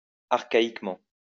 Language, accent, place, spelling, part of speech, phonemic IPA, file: French, France, Lyon, archaïquement, adverb, /aʁ.ka.ik.mɑ̃/, LL-Q150 (fra)-archaïquement.wav
- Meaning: archaically